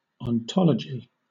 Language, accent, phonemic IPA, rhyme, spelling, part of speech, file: English, Southern England, /ɒnˈtɒləd͡ʒi/, -ɒlədʒi, ontology, noun, LL-Q1860 (eng)-ontology.wav
- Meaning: The branch of metaphysics that addresses the nature or essential characteristics of being and of things that exist; the study of being qua being